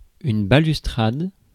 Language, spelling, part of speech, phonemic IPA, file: French, balustrade, noun, /ba.lys.tʁad/, Fr-balustrade.ogg
- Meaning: balustrade